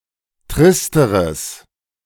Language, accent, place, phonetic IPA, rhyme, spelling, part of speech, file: German, Germany, Berlin, [ˈtʁɪstəʁəs], -ɪstəʁəs, tristeres, adjective, De-tristeres.ogg
- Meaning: strong/mixed nominative/accusative neuter singular comparative degree of trist